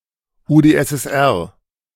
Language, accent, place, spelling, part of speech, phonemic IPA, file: German, Germany, Berlin, UdSSR, proper noun, /udeʔɛsʔɛsˈʔɛʁ/, De-UdSSR.ogg